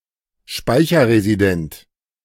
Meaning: resident (in memory)
- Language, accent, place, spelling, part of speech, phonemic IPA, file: German, Germany, Berlin, speicherresident, adjective, /ˈʃpaɪ̯çɐʁeziˌdɛnt/, De-speicherresident.ogg